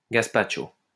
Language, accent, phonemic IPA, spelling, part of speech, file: French, France, /ɡas.pat.ʃo/, gaspacho, noun, LL-Q150 (fra)-gaspacho.wav
- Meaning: gazpacho